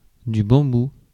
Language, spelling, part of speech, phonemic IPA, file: French, bambou, noun, /bɑ̃.bu/, Fr-bambou.ogg
- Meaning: bamboo (plant, cane)